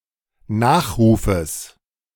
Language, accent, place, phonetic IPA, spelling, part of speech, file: German, Germany, Berlin, [ˈnaːxʁuːfəs], Nachrufes, noun, De-Nachrufes.ogg
- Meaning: genitive singular of Nachruf